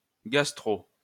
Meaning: clipping of gastro-entérite (“gastroenteritis, stomach flu”)
- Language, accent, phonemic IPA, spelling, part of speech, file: French, France, /ɡas.tʁo/, gastro, noun, LL-Q150 (fra)-gastro.wav